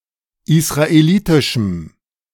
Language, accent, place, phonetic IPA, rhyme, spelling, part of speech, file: German, Germany, Berlin, [ɪsʁaeˈliːtɪʃm̩], -iːtɪʃm̩, israelitischem, adjective, De-israelitischem.ogg
- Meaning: strong dative masculine/neuter singular of israelitisch